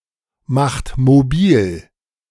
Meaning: inflection of mobilmachen: 1. second-person plural present 2. third-person singular present 3. plural imperative
- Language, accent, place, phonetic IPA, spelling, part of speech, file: German, Germany, Berlin, [ˌmaxt moˈbiːl], macht mobil, verb, De-macht mobil.ogg